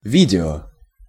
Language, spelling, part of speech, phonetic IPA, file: Russian, видео, noun, [ˈvʲidʲɪo], Ru-видео.ogg
- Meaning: video